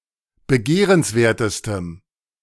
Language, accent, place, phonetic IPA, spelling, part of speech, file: German, Germany, Berlin, [bəˈɡeːʁənsˌveːɐ̯təstəm], begehrenswertestem, adjective, De-begehrenswertestem.ogg
- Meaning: strong dative masculine/neuter singular superlative degree of begehrenswert